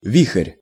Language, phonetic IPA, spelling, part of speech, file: Russian, [ˈvʲix(ə)rʲ], вихрь, noun, Ru-вихрь.ogg
- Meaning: 1. whirlwind 2. vortex, swirl 3. eddy, twirl 4. personified whirlwind